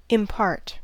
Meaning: 1. To give or bestow (e.g. a quality or property) 2. To give a part or to share 3. To make known; to show (by speech, writing etc.) 4. To hold a conference or consultation
- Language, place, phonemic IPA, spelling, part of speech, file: English, California, /ɪmˈpɑɹt/, impart, verb, En-us-impart.ogg